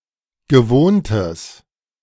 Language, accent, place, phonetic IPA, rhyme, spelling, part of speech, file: German, Germany, Berlin, [ɡəˈvoːntəs], -oːntəs, gewohntes, adjective, De-gewohntes.ogg
- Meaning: strong/mixed nominative/accusative neuter singular of gewohnt